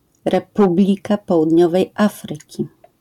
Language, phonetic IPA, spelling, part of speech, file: Polish, [rɛˈpublʲika ˌpɔwudʲˈɲɔvɛj ˈafrɨci], Republika Południowej Afryki, proper noun, LL-Q809 (pol)-Republika Południowej Afryki.wav